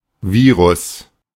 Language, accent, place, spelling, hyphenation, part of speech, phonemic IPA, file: German, Germany, Berlin, Virus, Vi‧rus, noun, /ˈviːʁʊs/, De-Virus.ogg
- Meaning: 1. virus 2. computer virus